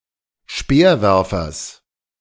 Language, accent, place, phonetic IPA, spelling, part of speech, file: German, Germany, Berlin, [ˈʃpeːɐ̯ˌvɛʁfɐs], Speerwerfers, noun, De-Speerwerfers.ogg
- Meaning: genitive singular of Speerwerfer